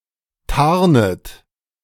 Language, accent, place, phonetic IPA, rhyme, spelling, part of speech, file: German, Germany, Berlin, [ˈtaʁnət], -aʁnət, tarnet, verb, De-tarnet.ogg
- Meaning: second-person plural subjunctive I of tarnen